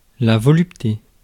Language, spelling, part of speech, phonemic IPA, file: French, volupté, noun, /vɔ.lyp.te/, Fr-volupté.ogg
- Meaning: 1. voluptuousness 2. rich and intense pleasure, especially sexual pleasure